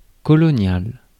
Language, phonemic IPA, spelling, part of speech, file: French, /kɔ.lɔ.njal/, colonial, adjective / noun, Fr-colonial.ogg
- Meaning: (adjective) colonial; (noun) 1. a colonial, a resident of a colony 2. a soldier dispatched to a colony